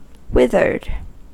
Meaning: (adjective) Shrivelled, shrunken or faded, especially due to lack of water; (verb) simple past and past participle of wither
- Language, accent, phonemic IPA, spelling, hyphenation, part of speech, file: English, US, /ˈwɪðɚd/, withered, with‧ered, adjective / verb, En-us-withered.ogg